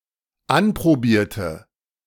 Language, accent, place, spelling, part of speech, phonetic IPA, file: German, Germany, Berlin, anprobierte, adjective / verb, [ˈanpʁoˌbiːɐ̯tə], De-anprobierte.ogg
- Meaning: inflection of anprobieren: 1. first/third-person singular dependent preterite 2. first/third-person singular dependent subjunctive II